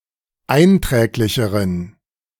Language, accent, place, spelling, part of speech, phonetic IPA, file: German, Germany, Berlin, einträglicheren, adjective, [ˈaɪ̯nˌtʁɛːklɪçəʁən], De-einträglicheren.ogg
- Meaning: inflection of einträglich: 1. strong genitive masculine/neuter singular comparative degree 2. weak/mixed genitive/dative all-gender singular comparative degree